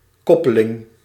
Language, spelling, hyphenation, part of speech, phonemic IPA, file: Dutch, koppeling, kop‧pe‧ling, noun, /ˈkɔpəˌlɪŋ/, Nl-koppeling.ogg
- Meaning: 1. clutch 2. clutch pedal 3. link, hyperlink 4. link